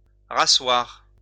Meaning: to re-sit, to sit back down (sit once again)
- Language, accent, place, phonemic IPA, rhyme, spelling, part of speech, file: French, France, Lyon, /ʁa.swaʁ/, -waʁ, rasseoir, verb, LL-Q150 (fra)-rasseoir.wav